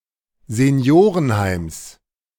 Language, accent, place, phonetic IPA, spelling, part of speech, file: German, Germany, Berlin, [zeˈni̯oːʁənˌhaɪ̯ms], Seniorenheims, noun, De-Seniorenheims.ogg
- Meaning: genitive singular of Seniorenheim